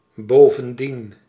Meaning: 1. moreover, furthermore 2. besides, in addition
- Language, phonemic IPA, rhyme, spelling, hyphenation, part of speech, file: Dutch, /ˌboː.və(n)ˈdin/, -in, bovendien, bo‧ven‧dien, adverb, Nl-bovendien.ogg